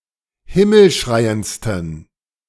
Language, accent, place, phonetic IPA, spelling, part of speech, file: German, Germany, Berlin, [ˈhɪml̩ˌʃʁaɪ̯ənt͡stn̩], himmelschreiendsten, adjective, De-himmelschreiendsten.ogg
- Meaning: 1. superlative degree of himmelschreiend 2. inflection of himmelschreiend: strong genitive masculine/neuter singular superlative degree